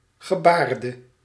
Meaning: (verb) singular past indicative/subjunctive of gebaren; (noun) gesture; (adjective) inflection of gebaard: 1. masculine/feminine singular attributive 2. definite neuter singular attributive
- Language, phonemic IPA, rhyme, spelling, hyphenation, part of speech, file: Dutch, /ɣəˈbaːr.də/, -aːrdə, gebaarde, ge‧baar‧de, verb / noun / adjective, Nl-gebaarde.ogg